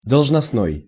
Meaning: office, duty, position (job)
- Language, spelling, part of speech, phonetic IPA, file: Russian, должностной, adjective, [dəɫʐnɐsˈnoj], Ru-должностной.ogg